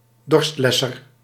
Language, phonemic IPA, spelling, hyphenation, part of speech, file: Dutch, /ˈdɔrstˌlɛ.sər/, dorstlesser, dorst‧les‧ser, noun, Nl-dorstlesser.ogg
- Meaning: thirst quencher (drink)